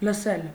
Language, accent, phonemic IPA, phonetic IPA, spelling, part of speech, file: Armenian, Eastern Armenian, /ləˈsel/, [ləsél], լսել, verb, Hy-լսել.ogg
- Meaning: 1. to hear 2. to listen 3. to obey